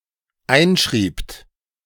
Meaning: second-person plural dependent preterite of einschreiben
- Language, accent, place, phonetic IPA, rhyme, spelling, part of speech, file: German, Germany, Berlin, [ˈaɪ̯nˌʃʁiːpt], -aɪ̯nʃʁiːpt, einschriebt, verb, De-einschriebt.ogg